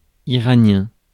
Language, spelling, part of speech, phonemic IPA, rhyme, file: French, iranien, adjective, /i.ʁa.njɛ̃/, -ɛ̃, Fr-iranien.ogg
- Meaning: of Iran; Iranian